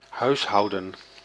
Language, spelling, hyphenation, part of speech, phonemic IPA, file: Dutch, huishouden, huis‧hou‧den, verb / noun, /ˈɦœy̯sˌɦɑu̯.də(n)/, Nl-huishouden.ogg
- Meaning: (verb) 1. to do housekeeping; keep house 2. to ravage, make a shambles; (noun) 1. the housekeeping 2. a household, domestic unit of cohabitating people